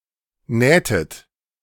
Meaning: inflection of nähen: 1. second-person plural preterite 2. second-person plural subjunctive II
- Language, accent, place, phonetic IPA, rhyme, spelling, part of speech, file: German, Germany, Berlin, [ˈnɛːtət], -ɛːtət, nähtet, verb, De-nähtet.ogg